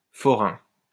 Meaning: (noun) 1. showman (fairground entertainer) 2. stallholder; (adjective) fair, fairground
- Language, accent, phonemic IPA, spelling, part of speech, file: French, France, /fɔ.ʁɛ̃/, forain, noun / adjective, LL-Q150 (fra)-forain.wav